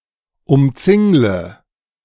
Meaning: inflection of umzingeln: 1. first-person singular present 2. first/third-person singular subjunctive I 3. singular imperative
- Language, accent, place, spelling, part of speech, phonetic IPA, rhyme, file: German, Germany, Berlin, umzingle, verb, [ʊmˈt͡sɪŋlə], -ɪŋlə, De-umzingle.ogg